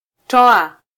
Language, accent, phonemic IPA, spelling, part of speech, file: Swahili, Kenya, /ˈtɔ.ɑ/, toa, verb, Sw-ke-toa.flac
- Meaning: 1. to give (out) 2. to produce 3. to publish 4. to offer 5. to put out, to remove 6. to withdraw, to retire